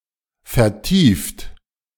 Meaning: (verb) past participle of vertiefen; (adjective) 1. preoccupied, depressed 2. absorbed, immerged 3. deepened, recessed, sunken; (verb) inflection of vertiefen: third-person singular present
- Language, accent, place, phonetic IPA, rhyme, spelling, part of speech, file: German, Germany, Berlin, [fɛɐ̯ˈtiːft], -iːft, vertieft, verb, De-vertieft.ogg